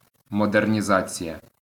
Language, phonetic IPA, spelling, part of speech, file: Ukrainian, [mɔdernʲiˈzat͡sʲijɐ], модернізація, noun, LL-Q8798 (ukr)-модернізація.wav
- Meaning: modernization